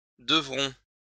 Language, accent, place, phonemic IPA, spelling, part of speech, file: French, France, Lyon, /də.vʁɔ̃/, devront, verb, LL-Q150 (fra)-devront.wav
- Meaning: third-person plural future of devoir